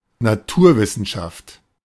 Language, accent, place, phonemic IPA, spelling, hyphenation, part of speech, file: German, Germany, Berlin, /naˈtʰuːɐ̯ˌvɪsn̩ʃaft/, Naturwissenschaft, Na‧tur‧wis‧sen‧schaft, noun, De-Naturwissenschaft.ogg
- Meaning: natural science